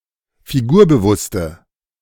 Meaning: inflection of figurbewusst: 1. strong/mixed nominative/accusative feminine singular 2. strong nominative/accusative plural 3. weak nominative all-gender singular
- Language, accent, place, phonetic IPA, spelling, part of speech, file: German, Germany, Berlin, [fiˈɡuːɐ̯bəˌvʊstə], figurbewusste, adjective, De-figurbewusste.ogg